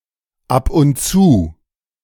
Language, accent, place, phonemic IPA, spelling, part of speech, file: German, Germany, Berlin, /ˌap ʊnt ˈtsuː/, ab und zu, adverb, De-ab und zu.ogg
- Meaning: now and then, occasionally